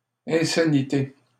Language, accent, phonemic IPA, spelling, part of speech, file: French, Canada, /ɛ̃.sa.ni.te/, insanité, noun, LL-Q150 (fra)-insanité.wav
- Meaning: insanity